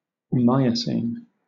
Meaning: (adjective) Of a geologic epoch within the Neogene period from about 23 to 5.3 million years ago; marked by the drift of continents to their present position; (proper noun) The Miocene epoch
- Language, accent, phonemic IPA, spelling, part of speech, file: English, Southern England, /ˈmaɪəsiːn/, Miocene, adjective / proper noun, LL-Q1860 (eng)-Miocene.wav